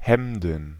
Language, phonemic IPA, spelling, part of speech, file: German, /ˈhɛmdn̩/, Hemden, noun, De-Hemden.ogg
- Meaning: plural of Hemd